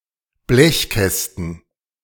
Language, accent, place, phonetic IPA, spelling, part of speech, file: German, Germany, Berlin, [ˈblɛçˌkɛstn̩], Blechkästen, noun, De-Blechkästen.ogg
- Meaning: plural of Blechkasten